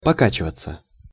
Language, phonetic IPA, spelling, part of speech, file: Russian, [pɐˈkat͡ɕɪvət͡sə], покачиваться, verb, Ru-покачиваться.ogg
- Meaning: 1. to rock (from time to time) 2. passive of пока́чивать (pokáčivatʹ)